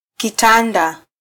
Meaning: bed (a piece of furniture to sleep on)
- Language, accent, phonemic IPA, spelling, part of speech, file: Swahili, Kenya, /kiˈtɑ.ⁿdɑ/, kitanda, noun, Sw-ke-kitanda.flac